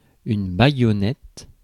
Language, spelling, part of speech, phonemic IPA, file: French, baïonnette, noun, /ba.jɔ.nɛt/, Fr-baïonnette.ogg
- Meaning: bayonet